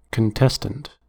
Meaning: 1. A participant in a contest; specifically, a person who plays a game, as on a TV game show 2. One who brings a legal challenge (such as a will, verdict, or decision)
- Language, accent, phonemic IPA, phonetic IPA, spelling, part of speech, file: English, US, /kənˈtɛstənt/, [kənˈtʰɛstənt], contestant, noun, En-us-contestant.ogg